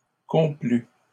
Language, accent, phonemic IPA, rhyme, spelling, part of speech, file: French, Canada, /kɔ̃.ply/, -y, complût, verb, LL-Q150 (fra)-complût.wav
- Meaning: third-person singular imperfect subjunctive of complaire